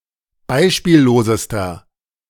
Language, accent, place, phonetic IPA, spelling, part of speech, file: German, Germany, Berlin, [ˈbaɪ̯ʃpiːlloːzəstɐ], beispiellosester, adjective, De-beispiellosester.ogg
- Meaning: inflection of beispiellos: 1. strong/mixed nominative masculine singular superlative degree 2. strong genitive/dative feminine singular superlative degree 3. strong genitive plural superlative degree